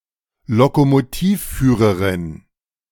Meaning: engineer (Canada and the US), engine driver (Britain), train driver (female)
- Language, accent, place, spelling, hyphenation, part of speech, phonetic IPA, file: German, Germany, Berlin, Lokomotivführerin, Lokomotiv‧füh‧re‧rin, noun, [lokomoˈtiːfˌfyːʁəʁɪn], De-Lokomotivführerin.ogg